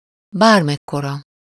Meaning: no matter what size, whatever size, however big or small
- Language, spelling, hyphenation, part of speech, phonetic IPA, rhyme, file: Hungarian, bármekkora, bár‧mek‧ko‧ra, pronoun, [ˈbaːrmɛkːorɒ], -rɒ, Hu-bármekkora.ogg